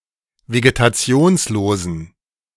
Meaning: inflection of vegetationslos: 1. strong genitive masculine/neuter singular 2. weak/mixed genitive/dative all-gender singular 3. strong/weak/mixed accusative masculine singular 4. strong dative plural
- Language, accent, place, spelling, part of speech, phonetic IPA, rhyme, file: German, Germany, Berlin, vegetationslosen, adjective, [veɡetaˈt͡si̯oːnsloːzn̩], -oːnsloːzn̩, De-vegetationslosen.ogg